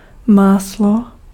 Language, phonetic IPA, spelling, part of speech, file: Czech, [ˈmaːslo], máslo, noun, Cs-máslo.ogg
- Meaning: butter (foodstuff)